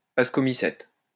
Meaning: plural of ascomycète
- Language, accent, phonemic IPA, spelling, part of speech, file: French, France, /as.kɔ.mi.sɛt/, ascomycètes, noun, LL-Q150 (fra)-ascomycètes.wav